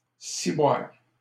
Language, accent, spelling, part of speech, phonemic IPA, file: French, Canada, ciboire, noun / interjection, /si.bwaʁ/, LL-Q150 (fra)-ciboire.wav
- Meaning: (noun) the ciborium cup, pyx; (interjection) a mild profanity